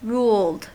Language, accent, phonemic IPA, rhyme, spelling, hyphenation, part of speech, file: English, US, /ɹuːld/, -uːld, ruled, ruled, adjective / verb, En-us-ruled.ogg
- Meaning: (adjective) 1. Having printed lines 2. Being a scroll; being such that through every point of S there is a straight line that lies on S; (verb) simple past and past participle of rule